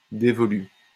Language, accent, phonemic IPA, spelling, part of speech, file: French, France, /de.vɔ.ly/, dévolu, adjective, LL-Q150 (fra)-dévolu.wav
- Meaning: 1. devolved (to) 2. reserved (for)